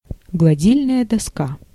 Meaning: ironing board (a long board on which one can iron)
- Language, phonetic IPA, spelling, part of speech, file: Russian, [ɡɫɐˈdʲilʲnəjə dɐˈska], гладильная доска, noun, Ru-гладильная доска.ogg